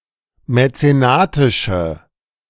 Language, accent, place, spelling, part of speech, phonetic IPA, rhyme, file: German, Germany, Berlin, mäzenatische, adjective, [mɛt͡seˈnaːtɪʃə], -aːtɪʃə, De-mäzenatische.ogg
- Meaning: inflection of mäzenatisch: 1. strong/mixed nominative/accusative feminine singular 2. strong nominative/accusative plural 3. weak nominative all-gender singular